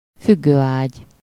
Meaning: hammock (a swinging couch or bed)
- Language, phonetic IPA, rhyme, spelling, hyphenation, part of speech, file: Hungarian, [ˈfyɡːøːaːɟ], -aːɟ, függőágy, füg‧gő‧ágy, noun, Hu-függőágy.ogg